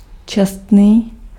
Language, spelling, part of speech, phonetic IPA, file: Czech, čestný, adjective, [ˈt͡ʃɛstniː], Cs-čestný.ogg
- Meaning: 1. honest (scrupulous with regard to telling the truth; not given to swindling, lying, or fraud) 2. fair, adequate, reasonable, decent